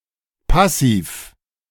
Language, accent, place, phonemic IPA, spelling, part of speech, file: German, Germany, Berlin, /ˈpasiːf/, Passiv, noun, De-Passiv.ogg
- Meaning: 1. passive voice 2. passive verb